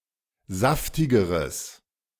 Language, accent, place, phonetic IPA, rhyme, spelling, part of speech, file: German, Germany, Berlin, [ˈzaftɪɡəʁəs], -aftɪɡəʁəs, saftigeres, adjective, De-saftigeres.ogg
- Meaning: strong/mixed nominative/accusative neuter singular comparative degree of saftig